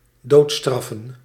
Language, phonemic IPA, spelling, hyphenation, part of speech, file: Dutch, /ˈdoːtˌstrɑ.fə(n)/, doodstraffen, dood‧straf‧fen, verb / noun, Nl-doodstraffen.ogg
- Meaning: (verb) to execute, to kill to conclude a death penalty; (noun) plural of doodstraf